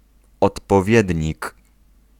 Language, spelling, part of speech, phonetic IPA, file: Polish, odpowiednik, noun, [ˌɔtpɔˈvʲjɛdʲɲik], Pl-odpowiednik.ogg